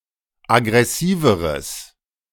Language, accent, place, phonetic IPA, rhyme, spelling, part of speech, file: German, Germany, Berlin, [aɡʁɛˈsiːvəʁəs], -iːvəʁəs, aggressiveres, adjective, De-aggressiveres.ogg
- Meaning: strong/mixed nominative/accusative neuter singular comparative degree of aggressiv